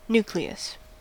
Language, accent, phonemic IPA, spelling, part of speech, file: English, US, /ˈnuː.kli.əs/, nucleus, noun, En-us-nucleus.ogg
- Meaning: 1. The core, central part of something, around which other elements are assembled 2. An initial part or version that will receive additions